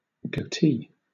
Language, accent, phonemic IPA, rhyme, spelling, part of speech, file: English, Southern England, /ɡəʊˈtiː/, -iː, goatee, noun, LL-Q1860 (eng)-goatee.wav
- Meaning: A beard trimmed to grow only at the center of the chin